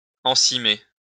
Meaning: to lightly grease a fabric
- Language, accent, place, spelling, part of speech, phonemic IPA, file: French, France, Lyon, ensimer, verb, /ɑ̃.si.me/, LL-Q150 (fra)-ensimer.wav